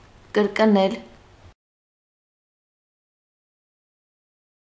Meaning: 1. to repeat 2. to return (of the illness) 3. to roll up one’s sleeve or the hem of the skirt 4. to be suffocated
- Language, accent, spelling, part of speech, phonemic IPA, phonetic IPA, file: Armenian, Eastern Armenian, կրկնել, verb, /kəɾkˈnel/, [kəɾknél], Hy-կրկնել.ogg